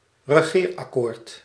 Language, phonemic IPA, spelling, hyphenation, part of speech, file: Dutch, /rəˈɣeːr.ɑˌkoːrt/, regeerakkoord, re‧geer‧ak‧koord, noun, Nl-regeerakkoord.ogg
- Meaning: coalition agreement